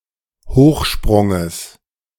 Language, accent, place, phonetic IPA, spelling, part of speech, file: German, Germany, Berlin, [ˈhoːxˌʃpʁʊŋəs], Hochsprunges, noun, De-Hochsprunges.ogg
- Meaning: genitive singular of Hochsprung